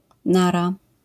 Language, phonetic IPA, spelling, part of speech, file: Polish, [ˈnara], nara, interjection, LL-Q809 (pol)-nara.wav